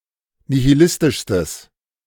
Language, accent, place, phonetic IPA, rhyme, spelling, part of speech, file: German, Germany, Berlin, [nihiˈlɪstɪʃstəs], -ɪstɪʃstəs, nihilistischstes, adjective, De-nihilistischstes.ogg
- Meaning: strong/mixed nominative/accusative neuter singular superlative degree of nihilistisch